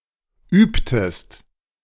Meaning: inflection of üben: 1. second-person singular preterite 2. second-person singular subjunctive II
- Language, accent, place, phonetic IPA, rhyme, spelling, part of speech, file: German, Germany, Berlin, [ˈyːptəst], -yːptəst, übtest, verb, De-übtest.ogg